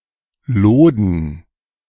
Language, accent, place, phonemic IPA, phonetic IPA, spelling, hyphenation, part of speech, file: German, Germany, Berlin, /ˈloːdən/, [ˈloːdn̩], Loden, Lo‧den, noun, De-Loden.ogg
- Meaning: 1. coarse woolen fabric 2. plural of Lode